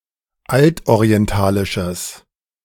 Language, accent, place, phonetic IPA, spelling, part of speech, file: German, Germany, Berlin, [ˈaltʔoʁiɛnˌtaːlɪʃəs], altorientalisches, adjective, De-altorientalisches.ogg
- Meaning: strong/mixed nominative/accusative neuter singular of altorientalisch